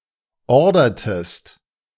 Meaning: inflection of ordern: 1. second-person singular preterite 2. second-person singular subjunctive II
- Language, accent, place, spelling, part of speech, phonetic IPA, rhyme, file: German, Germany, Berlin, ordertest, verb, [ˈɔʁdɐtəst], -ɔʁdɐtəst, De-ordertest.ogg